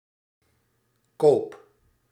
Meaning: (noun) a purchase, bought acquisition; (verb) inflection of kopen: 1. first-person singular present indicative 2. second-person singular present indicative 3. imperative
- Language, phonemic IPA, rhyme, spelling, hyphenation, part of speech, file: Dutch, /koːp/, -oːp, koop, koop, noun / verb, Nl-koop.ogg